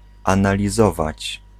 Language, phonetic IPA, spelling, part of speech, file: Polish, [ˌãnalʲiˈzɔvat͡ɕ], analizować, verb, Pl-analizować.ogg